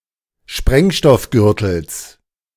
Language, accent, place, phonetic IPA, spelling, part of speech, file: German, Germany, Berlin, [ˈʃpʁɛŋʃtɔfˌɡʏʁtl̩s], Sprengstoffgürtels, noun, De-Sprengstoffgürtels.ogg
- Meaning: genitive of Sprengstoffgürtel